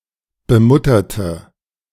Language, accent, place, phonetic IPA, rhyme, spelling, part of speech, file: German, Germany, Berlin, [bəˈmʊtɐtə], -ʊtɐtə, bemutterte, adjective / verb, De-bemutterte.ogg
- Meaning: inflection of bemuttern: 1. first/third-person singular preterite 2. first/third-person singular subjunctive II